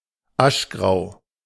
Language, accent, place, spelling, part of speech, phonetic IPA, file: German, Germany, Berlin, aschgrau, adjective, [ˈaʃˌɡʁaʊ̯], De-aschgrau.ogg
- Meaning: ash-gray (in colour)